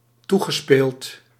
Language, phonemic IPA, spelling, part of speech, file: Dutch, /ˈtu.ɣəˌspeːlt/, toegespeeld, verb, Nl-toegespeeld.ogg
- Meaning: past participle of toespelen